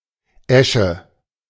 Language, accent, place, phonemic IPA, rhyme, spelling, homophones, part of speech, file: German, Germany, Berlin, /ˈɛʃə/, -ɛʃə, Äsche, Esche, noun, De-Äsche.ogg
- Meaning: grayling (Thymallus thymallus)